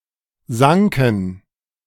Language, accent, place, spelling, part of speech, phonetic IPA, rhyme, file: German, Germany, Berlin, sanken, verb, [ˈzaŋkn̩], -aŋkn̩, De-sanken.ogg
- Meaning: first/third-person plural preterite of sinken